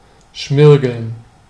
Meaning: 1. to emery, to sand (abrade with sand or sandpaper) 2. to smell of bad, rancid grease
- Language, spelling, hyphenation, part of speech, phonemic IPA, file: German, schmirgeln, schmir‧geln, verb, /ˈʃmɪʁɡl̩n/, De-schmirgeln.ogg